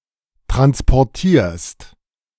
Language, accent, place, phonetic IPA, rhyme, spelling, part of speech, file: German, Germany, Berlin, [ˌtʁanspɔʁˈtiːɐ̯st], -iːɐ̯st, transportierst, verb, De-transportierst.ogg
- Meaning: second-person singular present of transportieren